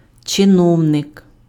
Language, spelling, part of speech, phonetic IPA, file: Ukrainian, чиновник, noun, [t͡ʃeˈnɔu̯nek], Uk-чиновник.ogg
- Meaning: official, functionary, bureaucrat